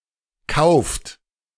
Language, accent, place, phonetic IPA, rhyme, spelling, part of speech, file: German, Germany, Berlin, [kaʊ̯ft], -aʊ̯ft, kauft, verb, De-kauft.ogg
- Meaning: inflection of kaufen: 1. third-person singular present 2. second-person plural present 3. plural imperative